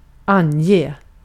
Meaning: 1. to indicate; to point out 2. to turn in (someone); to point someone out for the police, as being guilty of a crime
- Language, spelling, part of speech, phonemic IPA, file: Swedish, ange, verb, /ˈanˌjeː/, Sv-ange.ogg